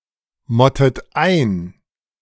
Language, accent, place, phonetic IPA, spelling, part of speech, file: German, Germany, Berlin, [ˌmɔtət ˈaɪ̯n], mottet ein, verb, De-mottet ein.ogg
- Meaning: inflection of einmotten: 1. second-person plural present 2. second-person plural subjunctive I 3. third-person singular present 4. plural imperative